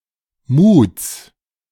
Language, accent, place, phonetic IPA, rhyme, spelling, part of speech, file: German, Germany, Berlin, [muːt͡s], -uːt͡s, Muts, noun, De-Muts.ogg
- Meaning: genitive singular of Mut